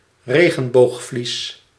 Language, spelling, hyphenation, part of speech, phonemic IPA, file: Dutch, regenboogvlies, re‧gen‧boog‧vlies, noun, /ˈreː.ɣə(n).boːxˌflis/, Nl-regenboogvlies.ogg
- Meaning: iris, a membrane in the eye